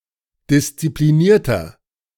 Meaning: 1. comparative degree of diszipliniert 2. inflection of diszipliniert: strong/mixed nominative masculine singular 3. inflection of diszipliniert: strong genitive/dative feminine singular
- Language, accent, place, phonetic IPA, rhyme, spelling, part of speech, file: German, Germany, Berlin, [dɪst͡sipliˈniːɐ̯tɐ], -iːɐ̯tɐ, disziplinierter, adjective, De-disziplinierter.ogg